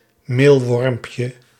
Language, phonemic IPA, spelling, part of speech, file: Dutch, /ˈmelwɔrᵊmpjə/, meelwormpje, noun, Nl-meelwormpje.ogg
- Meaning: diminutive of meelworm